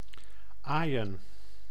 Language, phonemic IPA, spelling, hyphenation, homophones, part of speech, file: Dutch, /ˈaːi̯.ə(n)/, aaien, aai‧en, Aijen, verb / noun, Nl-aaien.ogg
- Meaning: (verb) to stroke, to caress, to pet; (noun) plural of aai